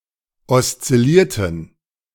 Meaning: inflection of oszillieren: 1. first/third-person plural preterite 2. first/third-person plural subjunctive II
- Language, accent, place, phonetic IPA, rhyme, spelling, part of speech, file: German, Germany, Berlin, [ɔst͡sɪˈliːɐ̯tn̩], -iːɐ̯tn̩, oszillierten, adjective / verb, De-oszillierten.ogg